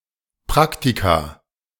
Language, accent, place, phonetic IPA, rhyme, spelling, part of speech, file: German, Germany, Berlin, [ˈpʁaktika], -aktika, Praktika, noun, De-Praktika.ogg
- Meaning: plural of Praktikum